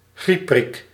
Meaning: flu jab, flu shot (vaccination against influenza)
- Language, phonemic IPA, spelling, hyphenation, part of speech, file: Dutch, /ˈɣri.prɪk/, griepprik, griep‧prik, noun, Nl-griepprik.ogg